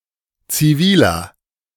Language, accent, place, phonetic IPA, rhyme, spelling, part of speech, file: German, Germany, Berlin, [t͡siˈviːlɐ], -iːlɐ, ziviler, adjective, De-ziviler.ogg
- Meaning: inflection of zivil: 1. strong/mixed nominative masculine singular 2. strong genitive/dative feminine singular 3. strong genitive plural